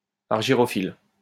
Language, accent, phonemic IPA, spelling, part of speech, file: French, France, /aʁ.ʒi.ʁɔ.fil/, argyrophile, adjective, LL-Q150 (fra)-argyrophile.wav
- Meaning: argyrophilic